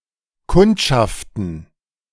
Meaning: plural of Kundschaft
- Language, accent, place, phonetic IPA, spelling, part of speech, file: German, Germany, Berlin, [ˈkʊntʃaftn̩], Kundschaften, noun, De-Kundschaften.ogg